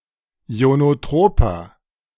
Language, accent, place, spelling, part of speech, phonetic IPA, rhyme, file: German, Germany, Berlin, ionotroper, adjective, [i̯onoˈtʁoːpɐ], -oːpɐ, De-ionotroper.ogg
- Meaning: inflection of ionotrop: 1. strong/mixed nominative masculine singular 2. strong genitive/dative feminine singular 3. strong genitive plural